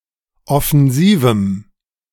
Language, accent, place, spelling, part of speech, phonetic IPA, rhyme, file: German, Germany, Berlin, offensivem, adjective, [ɔfɛnˈziːvm̩], -iːvm̩, De-offensivem.ogg
- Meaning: strong dative masculine/neuter singular of offensiv